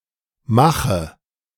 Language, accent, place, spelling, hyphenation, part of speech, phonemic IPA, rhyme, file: German, Germany, Berlin, mache, ma‧che, verb, /ˈmaχə/, -aχə, De-mache.ogg
- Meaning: inflection of machen: 1. first-person singular present 2. singular imperative 3. first/third-person singular subjunctive I